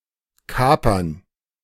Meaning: plural of Kaper
- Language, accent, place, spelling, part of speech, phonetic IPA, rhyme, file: German, Germany, Berlin, Kapern, noun, [ˈkaːpɐn], -aːpɐn, De-Kapern.ogg